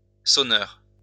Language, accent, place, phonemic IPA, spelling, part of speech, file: French, France, Lyon, /sɔ.nœʁ/, sonneur, noun, LL-Q150 (fra)-sonneur.wav
- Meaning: 1. ringer (of bells, etc.) 2. blower (of horns, etc.)